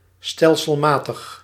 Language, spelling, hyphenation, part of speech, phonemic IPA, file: Dutch, stelselmatig, stel‧sel‧ma‧tig, adjective / adverb, /ˌstɛl.səlˈmaː.təx/, Nl-stelselmatig.ogg
- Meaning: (adjective) systematic; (adverb) systematically